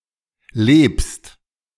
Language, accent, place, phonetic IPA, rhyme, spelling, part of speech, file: German, Germany, Berlin, [leːpst], -eːpst, lebst, verb, De-lebst.ogg
- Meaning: second-person singular present of leben